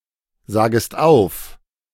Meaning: second-person singular subjunctive I of aufsagen
- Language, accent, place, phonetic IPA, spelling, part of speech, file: German, Germany, Berlin, [ˌzaːɡəst ˈaʊ̯f], sagest auf, verb, De-sagest auf.ogg